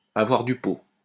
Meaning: to be lucky, to be jammy, to be fortunate
- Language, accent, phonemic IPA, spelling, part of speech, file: French, France, /a.vwaʁ dy po/, avoir du pot, verb, LL-Q150 (fra)-avoir du pot.wav